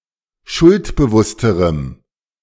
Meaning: strong dative masculine/neuter singular comparative degree of schuldbewusst
- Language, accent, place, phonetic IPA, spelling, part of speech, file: German, Germany, Berlin, [ˈʃʊltbəˌvʊstəʁəm], schuldbewussterem, adjective, De-schuldbewussterem.ogg